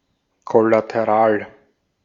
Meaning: collateral
- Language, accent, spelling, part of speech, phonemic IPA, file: German, Austria, kollateral, adjective, /kɔlatəˈʁaːl/, De-at-kollateral.ogg